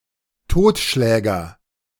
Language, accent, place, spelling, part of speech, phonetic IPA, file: German, Germany, Berlin, Totschläger, noun, [ˈtoːtˌʃlɛːɡɐ], De-Totschläger.ogg
- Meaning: 1. cudgel, blackjack, cosh 2. killer, manslaughterer